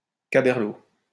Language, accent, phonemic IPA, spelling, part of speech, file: French, France, /ka.bɛʁ.lo/, caberlot, noun, LL-Q150 (fra)-caberlot.wav
- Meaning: noggin, bonce